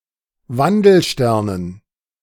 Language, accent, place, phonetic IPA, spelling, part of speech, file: German, Germany, Berlin, [ˈvandl̩ˌʃtɛʁnən], Wandelsternen, noun, De-Wandelsternen.ogg
- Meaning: dative plural of Wandelstern